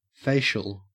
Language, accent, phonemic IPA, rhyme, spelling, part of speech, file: English, Australia, /ˈfeɪ.ʃəl/, -eɪʃəl, facial, adjective / noun, En-au-facial.ogg
- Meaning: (adjective) 1. Of or affecting the face 2. Concerned with or used in improving the appearance of the face